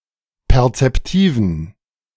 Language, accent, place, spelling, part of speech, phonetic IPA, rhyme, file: German, Germany, Berlin, perzeptiven, adjective, [pɛʁt͡sɛpˈtiːvn̩], -iːvn̩, De-perzeptiven.ogg
- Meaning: inflection of perzeptiv: 1. strong genitive masculine/neuter singular 2. weak/mixed genitive/dative all-gender singular 3. strong/weak/mixed accusative masculine singular 4. strong dative plural